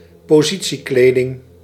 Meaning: maternity clothing, clothing designed to be worn by women in the later stages of pregnancy
- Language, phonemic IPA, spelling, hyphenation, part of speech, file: Dutch, /poːˈzi.(t)siˌkleː.dɪŋ/, positiekleding, po‧si‧tie‧kle‧ding, noun, Nl-positiekleding.ogg